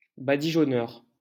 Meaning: 1. one who whitewashes or distempers walls 2. a bad painter
- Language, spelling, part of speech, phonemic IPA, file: French, badigeonneur, noun, /ba.di.ʒɔ.nœʁ/, LL-Q150 (fra)-badigeonneur.wav